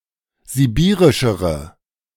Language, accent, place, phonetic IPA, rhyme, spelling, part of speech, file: German, Germany, Berlin, [ziˈbiːʁɪʃəʁə], -iːʁɪʃəʁə, sibirischere, adjective, De-sibirischere.ogg
- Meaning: inflection of sibirisch: 1. strong/mixed nominative/accusative feminine singular comparative degree 2. strong nominative/accusative plural comparative degree